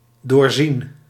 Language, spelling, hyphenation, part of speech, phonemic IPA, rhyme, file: Dutch, doorzien, door‧zien, verb, /doːrˈzin/, -in, Nl-doorzien.ogg
- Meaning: 1. to see through, detect (a lie) 2. past participle of doorzien